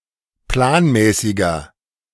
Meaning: 1. comparative degree of planmäßig 2. inflection of planmäßig: strong/mixed nominative masculine singular 3. inflection of planmäßig: strong genitive/dative feminine singular
- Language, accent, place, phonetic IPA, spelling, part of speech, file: German, Germany, Berlin, [ˈplaːnˌmɛːsɪɡɐ], planmäßiger, adjective, De-planmäßiger.ogg